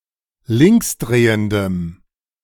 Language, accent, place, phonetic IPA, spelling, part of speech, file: German, Germany, Berlin, [ˈlɪŋksˌdʁeːəndəm], linksdrehendem, adjective, De-linksdrehendem.ogg
- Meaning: strong dative masculine/neuter singular of linksdrehend